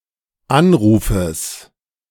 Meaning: genitive singular of Anruf
- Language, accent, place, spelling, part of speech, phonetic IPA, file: German, Germany, Berlin, Anrufes, noun, [ˈanˌʁuːfəs], De-Anrufes.ogg